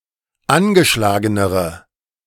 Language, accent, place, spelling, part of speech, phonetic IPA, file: German, Germany, Berlin, angeschlagenere, adjective, [ˈanɡəˌʃlaːɡənəʁə], De-angeschlagenere.ogg
- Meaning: inflection of angeschlagen: 1. strong/mixed nominative/accusative feminine singular comparative degree 2. strong nominative/accusative plural comparative degree